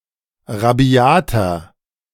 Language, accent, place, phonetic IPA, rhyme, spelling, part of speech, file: German, Germany, Berlin, [ʁaˈbi̯aːtɐ], -aːtɐ, rabiater, adjective, De-rabiater.ogg
- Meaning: 1. comparative degree of rabiat 2. inflection of rabiat: strong/mixed nominative masculine singular 3. inflection of rabiat: strong genitive/dative feminine singular